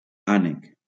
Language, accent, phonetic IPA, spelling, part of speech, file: Catalan, Valencia, [ˈa.nek], ànec, noun, LL-Q7026 (cat)-ànec.wav
- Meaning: duck (aquatic bird)